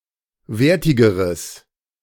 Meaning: strong/mixed nominative/accusative neuter singular comparative degree of wertig
- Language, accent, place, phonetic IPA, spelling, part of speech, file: German, Germany, Berlin, [ˈveːɐ̯tɪɡəʁəs], wertigeres, adjective, De-wertigeres.ogg